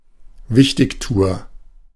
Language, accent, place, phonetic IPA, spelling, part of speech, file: German, Germany, Berlin, [ˈvɪçtɪçˌtuːɐ], Wichtigtuer, noun, De-Wichtigtuer.ogg
- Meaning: busybody, stuffed shirt, blowhard, pompous ass (US) / pompous git (UK) (male or of unspecified gender)